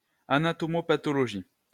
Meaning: anatomopathology
- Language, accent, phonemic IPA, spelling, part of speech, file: French, France, /a.na.tɔ.mɔ.pa.tɔ.lɔ.ʒi/, anatomopathologie, noun, LL-Q150 (fra)-anatomopathologie.wav